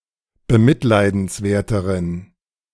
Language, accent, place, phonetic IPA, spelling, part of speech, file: German, Germany, Berlin, [bəˈmɪtlaɪ̯dn̩sˌvɛɐ̯təʁən], bemitleidenswerteren, adjective, De-bemitleidenswerteren.ogg
- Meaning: inflection of bemitleidenswert: 1. strong genitive masculine/neuter singular comparative degree 2. weak/mixed genitive/dative all-gender singular comparative degree